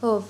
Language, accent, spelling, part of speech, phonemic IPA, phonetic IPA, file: Armenian, Eastern Armenian, հով, adjective / noun, /hov/, [hov], Hy-հով.ogg
- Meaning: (adjective) fresh, cool, chilly; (noun) the cool, coolness, freshness